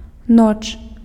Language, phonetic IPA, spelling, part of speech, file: Belarusian, [not͡ʂ], ноч, noun, Be-ноч.ogg
- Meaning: night, nighttime (period of time from sundown to sunup)